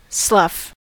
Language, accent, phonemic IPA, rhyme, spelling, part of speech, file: English, US, /slʌf/, -ʌf, slough, noun / verb, En-us-slough2.ogg
- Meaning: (noun) 1. The skin shed by a snake or other reptile 2. Dead skin on a sore or ulcer; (verb) 1. To shed skin or outer layers 2. To slide off or flake off, as an outer layer, such as skin, might do